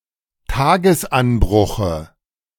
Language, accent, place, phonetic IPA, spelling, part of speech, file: German, Germany, Berlin, [ˈtaːɡəsˌʔanbʁʊxə], Tagesanbruche, noun, De-Tagesanbruche.ogg
- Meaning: dative of Tagesanbruch